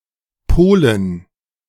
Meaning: to polarize
- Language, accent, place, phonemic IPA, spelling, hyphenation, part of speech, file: German, Germany, Berlin, /ˈpoːlən/, polen, po‧len, verb, De-polen.ogg